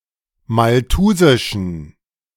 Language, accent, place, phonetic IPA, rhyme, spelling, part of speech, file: German, Germany, Berlin, [malˈtuːzɪʃn̩], -uːzɪʃn̩, malthusischen, adjective, De-malthusischen.ogg
- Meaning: inflection of malthusisch: 1. strong genitive masculine/neuter singular 2. weak/mixed genitive/dative all-gender singular 3. strong/weak/mixed accusative masculine singular 4. strong dative plural